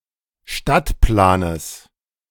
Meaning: genitive singular of Stadtplan
- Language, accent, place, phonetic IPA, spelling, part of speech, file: German, Germany, Berlin, [ˈʃtatˌplaːnəs], Stadtplanes, noun, De-Stadtplanes.ogg